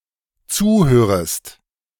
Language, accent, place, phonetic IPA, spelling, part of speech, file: German, Germany, Berlin, [ˈt͡suːˌhøːʁəst], zuhörest, verb, De-zuhörest.ogg
- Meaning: second-person singular dependent subjunctive I of zuhören